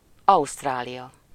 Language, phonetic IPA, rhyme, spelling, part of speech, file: Hungarian, [ˈɒustraːlijɒ], -jɒ, Ausztrália, proper noun, Hu-Ausztrália.ogg